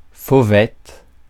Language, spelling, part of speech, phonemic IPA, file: French, fauvette, noun, /fo.vɛt/, Fr-fauvette.ogg
- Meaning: warbler